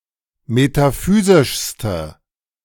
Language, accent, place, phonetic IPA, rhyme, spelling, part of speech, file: German, Germany, Berlin, [metaˈfyːzɪʃstə], -yːzɪʃstə, metaphysischste, adjective, De-metaphysischste.ogg
- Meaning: inflection of metaphysisch: 1. strong/mixed nominative/accusative feminine singular superlative degree 2. strong nominative/accusative plural superlative degree